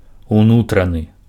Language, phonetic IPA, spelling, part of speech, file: Belarusian, [uˈnutranɨ], унутраны, adjective, Be-унутраны.ogg
- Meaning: inner, interior